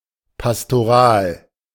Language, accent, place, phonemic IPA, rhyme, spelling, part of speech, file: German, Germany, Berlin, /pastoˈʁaːl/, -aːl, pastoral, adjective, De-pastoral.ogg
- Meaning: pastoral